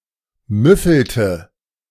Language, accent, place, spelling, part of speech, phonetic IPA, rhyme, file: German, Germany, Berlin, müffelte, verb, [ˈmʏfl̩tə], -ʏfl̩tə, De-müffelte.ogg
- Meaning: inflection of müffeln: 1. first/third-person singular preterite 2. first/third-person singular subjunctive II